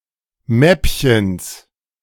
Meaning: genitive singular of Mäppchen
- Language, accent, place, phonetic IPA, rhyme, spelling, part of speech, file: German, Germany, Berlin, [ˈmɛpçəns], -ɛpçəns, Mäppchens, noun, De-Mäppchens.ogg